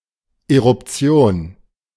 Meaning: eruption, usually of a volcano
- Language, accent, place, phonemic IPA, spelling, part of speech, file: German, Germany, Berlin, /eʁʊpˈt͡si̯oːn/, Eruption, noun, De-Eruption.ogg